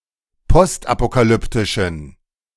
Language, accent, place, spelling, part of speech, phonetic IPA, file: German, Germany, Berlin, postapokalyptischen, adjective, [ˈpɔstʔapokaˌlʏptɪʃn̩], De-postapokalyptischen.ogg
- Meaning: inflection of postapokalyptisch: 1. strong genitive masculine/neuter singular 2. weak/mixed genitive/dative all-gender singular 3. strong/weak/mixed accusative masculine singular